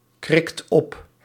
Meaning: inflection of opkrikken: 1. second/third-person singular present indicative 2. plural imperative
- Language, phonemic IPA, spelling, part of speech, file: Dutch, /ˈkrɪkt ˈɔp/, krikt op, verb, Nl-krikt op.ogg